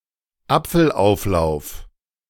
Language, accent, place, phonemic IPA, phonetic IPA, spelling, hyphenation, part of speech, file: German, Germany, Berlin, /ˈapfəlˌ.aʊ̯flaʊ̯f/, [ˈap͡fl̩ˌʔaʊ̯flaʊ̯f], Apfelauflauf, Ap‧fel‧auf‧lauf, noun, De-Apfelauflauf.ogg
- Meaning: apple cobbler